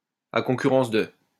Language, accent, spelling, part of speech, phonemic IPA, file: French, France, à concurrence de, preposition, /a kɔ̃.ky.ʁɑ̃s də/, LL-Q150 (fra)-à concurrence de.wav
- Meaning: up to, up to a limit of, up to a maximum of